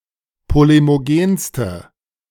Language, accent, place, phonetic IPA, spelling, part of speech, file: German, Germany, Berlin, [ˌpolemoˈɡeːnstə], polemogenste, adjective, De-polemogenste.ogg
- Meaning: inflection of polemogen: 1. strong/mixed nominative/accusative feminine singular superlative degree 2. strong nominative/accusative plural superlative degree